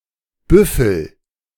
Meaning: inflection of büffeln: 1. first-person singular present 2. singular imperative
- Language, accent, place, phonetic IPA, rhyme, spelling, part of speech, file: German, Germany, Berlin, [ˈbʏfl̩], -ʏfl̩, büffel, verb, De-büffel.ogg